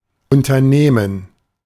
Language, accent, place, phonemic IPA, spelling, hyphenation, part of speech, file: German, Germany, Berlin, /ˌʊntɐˈneːmən/, unternehmen, un‧ter‧neh‧men, verb, De-unternehmen.ogg
- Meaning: to undertake